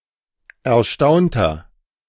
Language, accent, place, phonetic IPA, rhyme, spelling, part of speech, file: German, Germany, Berlin, [ɛɐ̯ˈʃtaʊ̯ntn̩], -aʊ̯ntn̩, erstaunten, adjective / verb, De-erstaunten.ogg
- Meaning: inflection of erstaunen: 1. first/third-person plural preterite 2. first/third-person plural subjunctive II